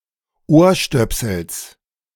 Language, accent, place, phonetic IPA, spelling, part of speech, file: German, Germany, Berlin, [ˈoːɐ̯ˌʃtœpsl̩s], Ohrstöpsels, noun, De-Ohrstöpsels.ogg
- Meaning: genitive singular of Ohrstöpsel